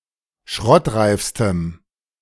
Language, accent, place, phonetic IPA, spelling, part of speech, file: German, Germany, Berlin, [ˈʃʁɔtˌʁaɪ̯fstəm], schrottreifstem, adjective, De-schrottreifstem.ogg
- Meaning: strong dative masculine/neuter singular superlative degree of schrottreif